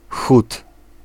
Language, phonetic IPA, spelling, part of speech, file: Polish, [xut], chód, noun, Pl-chód.ogg